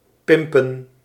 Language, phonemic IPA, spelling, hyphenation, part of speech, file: Dutch, /ˈpɪm.pə(n)/, pimpen, pim‧pen, verb, Nl-pimpen.ogg
- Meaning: to pimp (to customise excessively, usually in a camp or gaudy way)